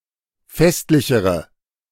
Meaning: inflection of festlich: 1. strong/mixed nominative/accusative feminine singular comparative degree 2. strong nominative/accusative plural comparative degree
- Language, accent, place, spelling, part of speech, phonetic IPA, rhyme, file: German, Germany, Berlin, festlichere, adjective, [ˈfɛstlɪçəʁə], -ɛstlɪçəʁə, De-festlichere.ogg